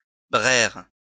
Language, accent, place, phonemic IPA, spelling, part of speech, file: French, France, Lyon, /bʁɛʁ/, braire, verb / noun, LL-Q150 (fra)-braire.wav
- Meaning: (verb) 1. bray (to make the cry of a donkey) 2. to shout 3. to cry, to weep; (noun) bray (noise made by a donkey)